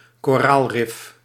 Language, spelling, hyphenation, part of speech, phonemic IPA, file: Dutch, koraalrif, ko‧raal‧rif, noun, /koːˈraːlˌrɪf/, Nl-koraalrif.ogg
- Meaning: coral reef